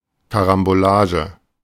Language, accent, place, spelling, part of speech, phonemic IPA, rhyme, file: German, Germany, Berlin, Karambolage, noun, /ˌkaʁamboˈlaːʒə/, -aːʒə, De-Karambolage.ogg
- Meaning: collision (kind of car accident, especially a spectacular one)